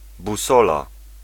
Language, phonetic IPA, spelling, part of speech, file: Polish, [buˈsɔla], busola, noun, Pl-busola.ogg